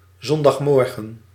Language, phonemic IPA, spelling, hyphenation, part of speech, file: Dutch, /ˌzɔn.dɑxˈmɔr.ɣə(n)/, zondagmorgen, zon‧dag‧mor‧gen, noun, Nl-zondagmorgen.ogg
- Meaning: Sunday morning